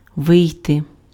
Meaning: 1. to go out, to come out, to get out, to walk out, to exit 2. to leave, to pull out, to withdraw 3. to come out (be published; be issued) 4. to run out, to be used up
- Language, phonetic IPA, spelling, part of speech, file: Ukrainian, [ˈʋɪi̯te], вийти, verb, Uk-вийти.ogg